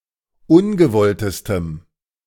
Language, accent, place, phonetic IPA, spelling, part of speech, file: German, Germany, Berlin, [ˈʊnɡəˌvɔltəstəm], ungewolltestem, adjective, De-ungewolltestem.ogg
- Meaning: strong dative masculine/neuter singular superlative degree of ungewollt